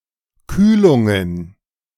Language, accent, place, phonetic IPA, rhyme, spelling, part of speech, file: German, Germany, Berlin, [ˈkyːlʊŋən], -yːlʊŋən, Kühlungen, noun, De-Kühlungen.ogg
- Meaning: plural of Kühlung